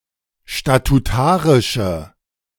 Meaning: inflection of statutarisch: 1. strong/mixed nominative/accusative feminine singular 2. strong nominative/accusative plural 3. weak nominative all-gender singular
- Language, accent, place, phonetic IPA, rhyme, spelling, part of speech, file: German, Germany, Berlin, [ʃtatuˈtaːʁɪʃə], -aːʁɪʃə, statutarische, adjective, De-statutarische.ogg